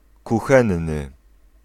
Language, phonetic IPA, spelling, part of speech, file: Polish, [kuˈxɛ̃nːɨ], kuchenny, adjective, Pl-kuchenny.ogg